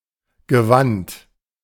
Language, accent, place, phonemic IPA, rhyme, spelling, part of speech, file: German, Germany, Berlin, /ɡəˈvant/, -ant, Gewand, noun, De-Gewand.ogg
- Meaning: 1. sumptuous garment 2. any kind of garment